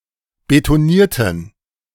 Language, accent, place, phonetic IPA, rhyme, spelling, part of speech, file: German, Germany, Berlin, [betoˈniːɐ̯tn̩], -iːɐ̯tn̩, betonierten, adjective / verb, De-betonierten.ogg
- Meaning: inflection of betonieren: 1. first/third-person plural preterite 2. first/third-person plural subjunctive II